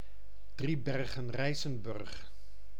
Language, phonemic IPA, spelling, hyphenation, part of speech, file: Dutch, /ˌdri.bɛr.ɣə(n)ˈrɛi̯.sə(n).bʏrx/, Driebergen-Rijsenburg, Drie‧ber‧gen-Rij‧sen‧burg, proper noun, Nl-Driebergen-Rijsenburg.oga
- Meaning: a village and former municipality of Utrechtse Heuvelrug, Utrecht, Netherlands